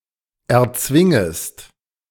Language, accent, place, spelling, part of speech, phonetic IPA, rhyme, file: German, Germany, Berlin, erzwingest, verb, [ɛɐ̯ˈt͡svɪŋəst], -ɪŋəst, De-erzwingest.ogg
- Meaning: second-person singular subjunctive I of erzwingen